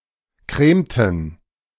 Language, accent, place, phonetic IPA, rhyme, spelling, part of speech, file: German, Germany, Berlin, [ˈkʁeːmtn̩], -eːmtn̩, cremten, verb, De-cremten.ogg
- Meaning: inflection of cremen: 1. first/third-person plural preterite 2. first/third-person plural subjunctive II